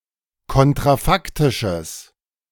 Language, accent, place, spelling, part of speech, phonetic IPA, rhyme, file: German, Germany, Berlin, kontrafaktisches, adjective, [ˌkɔntʁaˈfaktɪʃəs], -aktɪʃəs, De-kontrafaktisches.ogg
- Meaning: strong/mixed nominative/accusative neuter singular of kontrafaktisch